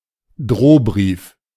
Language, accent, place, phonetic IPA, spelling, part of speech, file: German, Germany, Berlin, [ˈdʀoːˌbʀiːf], Drohbrief, noun, De-Drohbrief.ogg
- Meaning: threatening letter